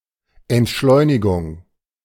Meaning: slow movement (cultural shift toward slowing down life's pace)
- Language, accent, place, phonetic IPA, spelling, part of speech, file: German, Germany, Berlin, [ɛntˈʃlɔɪ̯nɪɡʊŋ], Entschleunigung, noun, De-Entschleunigung.ogg